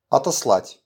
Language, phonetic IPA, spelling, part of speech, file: Russian, [ɐtɐsˈɫatʲ], отослать, verb, RU-отослать.wav
- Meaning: 1. to send away, to send off, to dispatch 2. to send back 3. to refer (to)